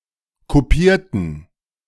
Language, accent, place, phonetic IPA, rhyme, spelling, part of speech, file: German, Germany, Berlin, [koˈpiːɐ̯tn̩], -iːɐ̯tn̩, kopierten, adjective / verb, De-kopierten.ogg
- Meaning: inflection of kopieren: 1. first/third-person plural preterite 2. first/third-person plural subjunctive II